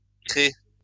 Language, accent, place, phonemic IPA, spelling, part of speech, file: French, France, Lyon, /kʁe/, crée, verb, LL-Q150 (fra)-crée.wav
- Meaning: inflection of créer: 1. first/third-person singular present indicative/subjunctive 2. second-person singular imperative